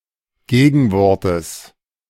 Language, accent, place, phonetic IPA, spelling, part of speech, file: German, Germany, Berlin, [ˈɡeːɡn̩ˌvɔʁtəs], Gegenwortes, noun, De-Gegenwortes.ogg
- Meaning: genitive singular of Gegenwort